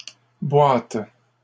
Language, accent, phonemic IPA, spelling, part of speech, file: French, Canada, /bwat/, boîtes, noun, LL-Q150 (fra)-boîtes.wav
- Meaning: plural of boîte